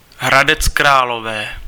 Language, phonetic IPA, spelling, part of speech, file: Czech, [ɦradɛt͡s kraːlovɛː], Hradec Králové, proper noun, Cs-Hradec Králové.ogg
- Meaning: Hradec Králové (a city in the Czech Republic), located at the west Bohemia at the confluence of the Elbe and the Orlice river